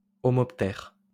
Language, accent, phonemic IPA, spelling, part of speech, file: French, France, /ɔ.mɔp.tɛʁ/, homoptère, noun, LL-Q150 (fra)-homoptère.wav
- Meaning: homopter